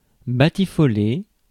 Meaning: to frolic
- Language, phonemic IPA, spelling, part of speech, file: French, /ba.ti.fɔ.le/, batifoler, verb, Fr-batifoler.ogg